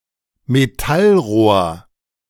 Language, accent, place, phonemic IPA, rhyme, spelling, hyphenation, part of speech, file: German, Germany, Berlin, /meˈtalˌʁoːɐ̯/, -oːɐ̯, Metallrohr, Me‧tall‧rohr, noun, De-Metallrohr.ogg
- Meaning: metal tube, metal pipe